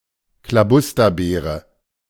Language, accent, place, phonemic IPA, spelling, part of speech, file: German, Germany, Berlin, /klaˈbʊstɐbeːʁə/, Klabusterbeere, noun, De-Klabusterbeere.ogg
- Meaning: dingleberry (US English) / clingon (British English) (dried fecal matter adhering to anal hair)